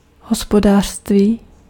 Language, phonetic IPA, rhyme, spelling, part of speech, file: Czech, [ˈɦospodaːr̝̊stviː], -aːr̝̊stviː, hospodářství, noun, Cs-hospodářství.ogg
- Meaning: economy